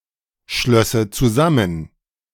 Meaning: first/third-person singular subjunctive II of zusammenschließen
- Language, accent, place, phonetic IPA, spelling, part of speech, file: German, Germany, Berlin, [ˌʃlœsə t͡suˈzamən], schlösse zusammen, verb, De-schlösse zusammen.ogg